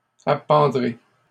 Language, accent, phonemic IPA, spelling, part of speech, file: French, Canada, /a.pɑ̃.dʁe/, appendrez, verb, LL-Q150 (fra)-appendrez.wav
- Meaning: second-person plural simple future of appendre